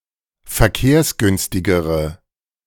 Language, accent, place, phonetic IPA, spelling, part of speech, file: German, Germany, Berlin, [fɛɐ̯ˈkeːɐ̯sˌɡʏnstɪɡəʁə], verkehrsgünstigere, adjective, De-verkehrsgünstigere.ogg
- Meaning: inflection of verkehrsgünstig: 1. strong/mixed nominative/accusative feminine singular comparative degree 2. strong nominative/accusative plural comparative degree